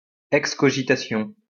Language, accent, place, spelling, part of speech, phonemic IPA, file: French, France, Lyon, excogitation, noun, /ɛk.skɔ.ʒi.ta.sjɔ̃/, LL-Q150 (fra)-excogitation.wav
- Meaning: excogitation